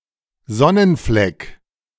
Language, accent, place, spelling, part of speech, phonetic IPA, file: German, Germany, Berlin, Sonnenfleck, noun, [ˈzɔnənˌflɛk], De-Sonnenfleck.ogg
- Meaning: 1. sunspot 2. freckle 3. sunny area